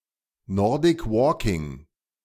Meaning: Nordic walking
- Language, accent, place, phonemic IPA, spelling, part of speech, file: German, Germany, Berlin, /ˌnɔʁdɪk ˈvɔːkɪŋ/, Nordic Walking, noun, De-Nordic Walking.ogg